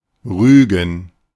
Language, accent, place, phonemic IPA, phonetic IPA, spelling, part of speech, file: German, Germany, Berlin, /ˈʁyːɡən/, [ˈʁyːɡŋ], rügen, verb, De-rügen.ogg
- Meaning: to reprimand, to criticize (to convey one's disapproval of someone due to their behavior, often formally but without further consequences)